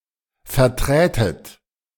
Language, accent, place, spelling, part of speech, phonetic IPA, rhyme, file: German, Germany, Berlin, verträtet, verb, [fɛɐ̯ˈtʁɛːtət], -ɛːtət, De-verträtet.ogg
- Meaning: second-person plural subjunctive II of vertreten